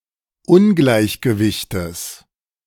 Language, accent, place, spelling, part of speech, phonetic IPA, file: German, Germany, Berlin, Ungleichgewichtes, noun, [ˈʊnɡlaɪ̯çɡəvɪçtəs], De-Ungleichgewichtes.ogg
- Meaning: genitive singular of Ungleichgewicht